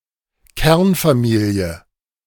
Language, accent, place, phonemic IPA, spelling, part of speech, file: German, Germany, Berlin, /ˈkɛʁnfaˌmiːli̯ə/, Kernfamilie, noun, De-Kernfamilie.ogg
- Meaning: nuclear family (a family unit consisting of at most a father, mother and dependent children)